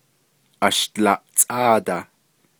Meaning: fifteen
- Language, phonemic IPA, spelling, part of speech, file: Navajo, /ɑ̀ʃt͡lɑ̀ʔ(t͡sʼ)ɑ̂ːtɑ̀h/, ashdlaʼáadah, numeral, Nv-ashdlaʼáadah.ogg